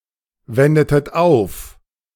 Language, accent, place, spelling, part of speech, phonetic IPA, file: German, Germany, Berlin, wendetet auf, verb, [ˌvɛndətət ˈaʊ̯f], De-wendetet auf.ogg
- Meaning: inflection of aufwenden: 1. second-person plural preterite 2. second-person plural subjunctive II